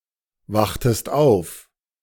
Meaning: inflection of aufwachen: 1. second-person singular preterite 2. second-person singular subjunctive II
- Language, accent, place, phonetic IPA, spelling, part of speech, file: German, Germany, Berlin, [ˌvaxtəst ˈaʊ̯f], wachtest auf, verb, De-wachtest auf.ogg